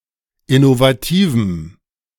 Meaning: strong dative masculine/neuter singular of innovativ
- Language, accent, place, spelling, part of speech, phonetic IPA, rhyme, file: German, Germany, Berlin, innovativem, adjective, [ɪnovaˈtiːvm̩], -iːvm̩, De-innovativem.ogg